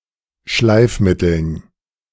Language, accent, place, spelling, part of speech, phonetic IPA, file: German, Germany, Berlin, Schleifmitteln, noun, [ˈʃlaɪ̯fˌmɪtl̩n], De-Schleifmitteln.ogg
- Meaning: dative plural of Schleifmittel